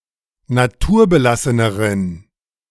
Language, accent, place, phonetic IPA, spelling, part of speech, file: German, Germany, Berlin, [naˈtuːɐ̯bəˌlasənəʁən], naturbelasseneren, adjective, De-naturbelasseneren.ogg
- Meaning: inflection of naturbelassen: 1. strong genitive masculine/neuter singular comparative degree 2. weak/mixed genitive/dative all-gender singular comparative degree